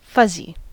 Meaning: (adjective) 1. Covered with fuzz or a large number of tiny loose fibres like a carpet or many stuffed animals 2. Vague or imprecise 3. Not clear; unfocused 4. Warm and comforting; affectionate
- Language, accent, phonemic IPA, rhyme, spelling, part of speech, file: English, US, /ˈfʌzi/, -ʌzi, fuzzy, adjective / noun, En-us-fuzzy.ogg